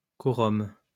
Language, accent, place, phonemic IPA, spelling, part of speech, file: French, France, Lyon, /kɔ.ʁɔm/, quorum, noun, LL-Q150 (fra)-quorum.wav
- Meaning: quorum